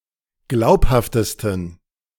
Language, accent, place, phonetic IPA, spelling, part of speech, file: German, Germany, Berlin, [ˈɡlaʊ̯phaftəstn̩], glaubhaftesten, adjective, De-glaubhaftesten.ogg
- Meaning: 1. superlative degree of glaubhaft 2. inflection of glaubhaft: strong genitive masculine/neuter singular superlative degree